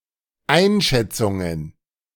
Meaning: plural of Einschätzung
- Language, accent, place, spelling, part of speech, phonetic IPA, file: German, Germany, Berlin, Einschätzungen, noun, [ˈaɪ̯nˌʃɛt͡sʊŋən], De-Einschätzungen.ogg